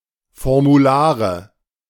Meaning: nominative/accusative/genitive plural of Formular
- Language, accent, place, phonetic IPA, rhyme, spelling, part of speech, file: German, Germany, Berlin, [fɔʁmuˈlaːʁə], -aːʁə, Formulare, noun, De-Formulare.ogg